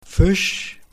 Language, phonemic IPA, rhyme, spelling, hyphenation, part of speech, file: German, /fɪʃ/, -ɪʃ, Fisch, Fisch, noun, De-Fisch.OGG
- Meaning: 1. fish (cold-blooded vertebrates living in water) 2. fish (any animal or any vertebrate living exclusively in water) 3. fish (food)